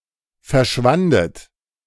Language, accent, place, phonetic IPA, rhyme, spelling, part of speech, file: German, Germany, Berlin, [fɛɐ̯ˈʃvandət], -andət, verschwandet, verb, De-verschwandet.ogg
- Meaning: second-person plural preterite of verschwinden